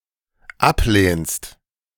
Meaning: second-person singular dependent present of ablehnen
- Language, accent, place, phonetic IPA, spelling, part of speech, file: German, Germany, Berlin, [ˈapˌleːnst], ablehnst, verb, De-ablehnst.ogg